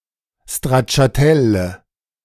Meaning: nominative/accusative/genitive/dative plural of Stracciatella
- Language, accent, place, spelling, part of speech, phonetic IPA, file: German, Germany, Berlin, Stracciatelle, noun, [stʁatʃaˈtɛlɛ], De-Stracciatelle.ogg